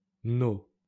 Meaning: plural of notre; our
- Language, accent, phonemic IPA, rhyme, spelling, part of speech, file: French, France, /no/, -o, nos, determiner, LL-Q150 (fra)-nos.wav